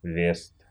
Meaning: 1. west 2. wester (west wind)
- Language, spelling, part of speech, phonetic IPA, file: Russian, вест, noun, [vʲest], Ru-вест.ogg